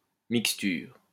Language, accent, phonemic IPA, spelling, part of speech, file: French, France, /mik.styʁ/, mixture, noun, LL-Q150 (fra)-mixture.wav
- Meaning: mixture